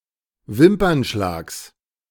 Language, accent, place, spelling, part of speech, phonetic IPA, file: German, Germany, Berlin, Wimpernschlags, noun, [ˈvɪmpɐnˌʃlaːks], De-Wimpernschlags.ogg
- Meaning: genitive singular of Wimpernschlag